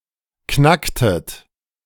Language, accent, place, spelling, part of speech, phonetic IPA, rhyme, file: German, Germany, Berlin, knacktet, verb, [ˈknaktət], -aktət, De-knacktet.ogg
- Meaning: inflection of knacken: 1. second-person plural preterite 2. second-person plural subjunctive II